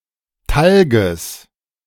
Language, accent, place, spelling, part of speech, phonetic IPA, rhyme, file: German, Germany, Berlin, Talges, noun, [ˈtalɡəs], -alɡəs, De-Talges.ogg
- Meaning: genitive singular of Talg